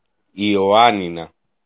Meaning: 1. Ioannina (the capital and largest city of the regional unit of Ioannina and region of Epirus, Greece) 2. Ioannina (a regional unit of Epirus, Greece)
- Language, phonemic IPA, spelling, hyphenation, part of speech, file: Greek, /i.oˈa.ni.na/, Ιωάννινα, Ι‧ω‧ά‧ννι‧να, proper noun, El-Ιωάννινα.ogg